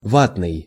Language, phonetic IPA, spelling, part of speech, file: Russian, [ˈvatnɨj], ватный, adjective, Ru-ватный.ogg
- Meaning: 1. cotton wool, batting; wadded, quilted 2. powerless 3. nationalistic, jingoistic